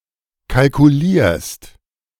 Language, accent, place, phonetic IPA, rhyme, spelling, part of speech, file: German, Germany, Berlin, [kalkuˈliːɐ̯st], -iːɐ̯st, kalkulierst, verb, De-kalkulierst.ogg
- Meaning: second-person singular present of kalkulieren